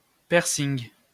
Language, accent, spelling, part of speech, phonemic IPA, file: French, France, piercing, noun, /pɛʁ.siŋ/, LL-Q150 (fra)-piercing.wav
- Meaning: a piercing